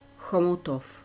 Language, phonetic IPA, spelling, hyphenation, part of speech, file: Czech, [ˈxomutof], Chomutov, Cho‧mu‧tov, proper noun, Cs Chomutov.ogg
- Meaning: a city in Ústí nad Labem, Czech Republic located in northwestern Bohemia